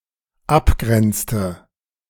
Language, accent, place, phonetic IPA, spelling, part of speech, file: German, Germany, Berlin, [ˈapˌɡʁɛnt͡stə], abgrenzte, verb, De-abgrenzte.ogg
- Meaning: inflection of abgrenzen: 1. first/third-person singular dependent preterite 2. first/third-person singular dependent subjunctive II